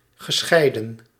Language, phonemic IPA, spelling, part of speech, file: Dutch, /ɣəˈsxɛidə(n)/, gescheiden, verb, Nl-gescheiden.ogg
- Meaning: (adjective) 1. physically separated, detached, severed 2. separate, distinct 3. divorced, no longer married (of a person or couple); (verb) past participle of scheiden